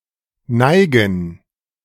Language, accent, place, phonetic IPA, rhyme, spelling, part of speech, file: German, Germany, Berlin, [ˈnaɪ̯ɡn̩], -aɪ̯ɡn̩, Neigen, noun, De-Neigen.ogg
- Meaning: plural of Neige